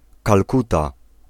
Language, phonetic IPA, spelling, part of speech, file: Polish, [kalˈkuta], Kalkuta, proper noun, Pl-Kalkuta.ogg